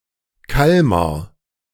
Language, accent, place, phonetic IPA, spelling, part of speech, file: German, Germany, Berlin, [ˈkalmaʁ], Kalmar, noun / proper noun, De-Kalmar.ogg
- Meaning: squid